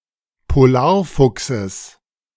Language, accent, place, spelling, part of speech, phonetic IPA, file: German, Germany, Berlin, Polarfuchses, noun, [poˈlaːɐ̯ˌfʊksəs], De-Polarfuchses.ogg
- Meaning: genitive singular of Polarfuchs